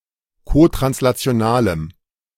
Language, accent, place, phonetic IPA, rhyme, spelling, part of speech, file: German, Germany, Berlin, [kotʁanslat͡si̯oˈnaːləm], -aːləm, kotranslationalem, adjective, De-kotranslationalem.ogg
- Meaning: strong dative masculine/neuter singular of kotranslational